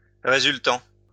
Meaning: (verb) present participle of résulter; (adjective) resultant
- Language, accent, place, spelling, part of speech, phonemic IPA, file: French, France, Lyon, résultant, verb / adjective, /ʁe.zyl.tɑ̃/, LL-Q150 (fra)-résultant.wav